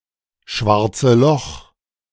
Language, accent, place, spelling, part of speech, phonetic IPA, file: German, Germany, Berlin, schwarze Loch, noun, [ˈʃvaʁt͡sə lɔx], De-schwarze Loch.ogg
- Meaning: weak nominative/accusative singular of schwarzes Loch